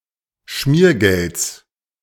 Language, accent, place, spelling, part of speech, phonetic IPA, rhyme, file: German, Germany, Berlin, Schmiergelds, noun, [ˈʃmiːɐ̯ˌɡɛlt͡s], -iːɐ̯ɡɛlt͡s, De-Schmiergelds.ogg
- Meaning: genitive singular of Schmiergeld